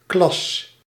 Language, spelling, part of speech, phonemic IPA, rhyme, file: Dutch, klas, noun, /klɑs/, -ɑs, Nl-klas.ogg
- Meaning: 1. a school class 2. a classroom 3. travel class (such as first class or economy class)